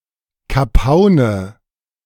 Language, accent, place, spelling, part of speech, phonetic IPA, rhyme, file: German, Germany, Berlin, Kapaune, noun, [kaˈpaʊ̯nə], -aʊ̯nə, De-Kapaune.ogg
- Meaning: nominative/accusative/genitive plural of Kapaun